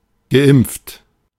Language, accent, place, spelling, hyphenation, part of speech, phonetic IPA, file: German, Germany, Berlin, geimpft, ge‧impft, verb / adjective, [ɡəˈʔɪmp͡ft], De-geimpft.ogg
- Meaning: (verb) past participle of impfen; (adjective) vaccinated